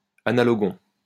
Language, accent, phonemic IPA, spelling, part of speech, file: French, France, /a.na.lɔ.ɡɔ̃/, analogon, noun, LL-Q150 (fra)-analogon.wav
- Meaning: 1. the other 2. analogue